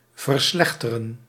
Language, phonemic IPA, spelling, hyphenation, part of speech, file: Dutch, /vərˈslɛx.tə.rə(n)/, verslechteren, ver‧slech‧te‧ren, verb, Nl-verslechteren.ogg
- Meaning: to worsen, to deteriorate